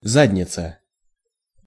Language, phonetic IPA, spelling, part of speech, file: Russian, [ˈzadʲnʲɪt͡sə], задница, noun, Ru-задница.ogg
- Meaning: butt